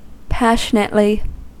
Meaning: In a passionate manner
- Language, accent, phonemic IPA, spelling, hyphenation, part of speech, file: English, US, /ˈpæʃənətli/, passionately, pas‧sion‧ate‧ly, adverb, En-us-passionately.ogg